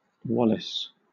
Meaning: 1. A Scottish surname transferred from the nickname, notably of the Scottish patriot William Wallace 2. A male given name transferred from the surname, of 19th century and later usage
- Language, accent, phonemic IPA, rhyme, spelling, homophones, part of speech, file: English, Southern England, /ˈwɒlɪs/, -ɒlɪs, Wallace, Wallis, proper noun, LL-Q1860 (eng)-Wallace.wav